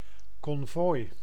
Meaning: convoy
- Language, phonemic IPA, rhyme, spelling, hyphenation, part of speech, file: Dutch, /kɔnˈvoːi̯/, -oːi̯, konvooi, kon‧vooi, noun, Nl-konvooi.ogg